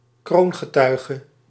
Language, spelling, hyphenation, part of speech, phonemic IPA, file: Dutch, kroongetuige, kroon‧ge‧tui‧ge, noun, /ˈkroːn.ɣəˌtœy̯.ɣə/, Nl-kroongetuige.ogg
- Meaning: a principal witness, a key witness